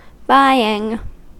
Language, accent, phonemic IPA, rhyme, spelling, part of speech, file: English, US, /ˈbaɪ.ɪŋ/, -aɪɪŋ, buying, verb / noun, En-us-buying.ogg
- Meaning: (verb) present participle and gerund of buy; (noun) The act of making a purchase